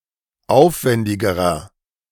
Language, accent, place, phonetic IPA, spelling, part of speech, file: German, Germany, Berlin, [ˈaʊ̯fˌvɛndɪɡəʁɐ], aufwendigerer, adjective, De-aufwendigerer.ogg
- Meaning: inflection of aufwendig: 1. strong/mixed nominative masculine singular comparative degree 2. strong genitive/dative feminine singular comparative degree 3. strong genitive plural comparative degree